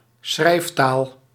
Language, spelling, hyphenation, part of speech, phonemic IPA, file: Dutch, schrijftaal, schrijf‧taal, noun, /ˈsxrɛi̯f.taːl/, Nl-schrijftaal.ogg
- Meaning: written language